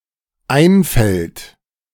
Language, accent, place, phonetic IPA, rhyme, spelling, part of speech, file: German, Germany, Berlin, [ˈaɪ̯nfɛlt], -aɪ̯nfɛlt, einfällt, verb, De-einfällt.ogg
- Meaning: third-person singular dependent present of einfallen